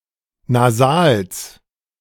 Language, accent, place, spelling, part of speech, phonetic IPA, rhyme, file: German, Germany, Berlin, Nasals, noun, [naˈzaːls], -aːls, De-Nasals.ogg
- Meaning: genitive singular of Nasal